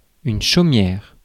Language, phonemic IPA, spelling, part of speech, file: French, /ʃo.mjɛʁ/, chaumière, noun, Fr-chaumière.ogg
- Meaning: 1. thatched cottage 2. (small rural) cottage